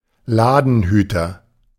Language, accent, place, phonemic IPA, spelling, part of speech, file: German, Germany, Berlin, /ˈlaːdn̩ˌhyːtɐ/, Ladenhüter, noun, De-Ladenhüter.ogg
- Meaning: non-seller, shelf warmer (product that sells poorly)